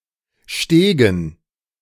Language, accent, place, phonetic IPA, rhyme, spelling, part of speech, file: German, Germany, Berlin, [ˈʃteːɡn̩], -eːɡn̩, Stegen, proper noun / noun, De-Stegen.ogg
- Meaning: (proper noun) a municipality of Baden-Württemberg, Germany; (noun) dative plural of Steg